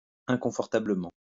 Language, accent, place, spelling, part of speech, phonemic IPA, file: French, France, Lyon, inconfortablement, adverb, /ɛ̃.kɔ̃.fɔʁ.ta.blə.mɑ̃/, LL-Q150 (fra)-inconfortablement.wav
- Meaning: uncomfortably